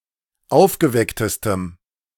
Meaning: strong dative masculine/neuter singular superlative degree of aufgeweckt
- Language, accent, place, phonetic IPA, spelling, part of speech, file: German, Germany, Berlin, [ˈaʊ̯fɡəˌvɛktəstəm], aufgewecktestem, adjective, De-aufgewecktestem.ogg